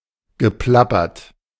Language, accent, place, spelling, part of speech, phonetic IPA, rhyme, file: German, Germany, Berlin, geplappert, verb, [ɡəˈplapɐt], -apɐt, De-geplappert.ogg
- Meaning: past participle of plappern